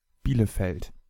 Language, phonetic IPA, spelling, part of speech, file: German, [ˈbiːləfɛlt], Bielefeld, proper noun, De-Bielefeld.ogg
- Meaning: an independent city in North Rhine-Westphalia, Germany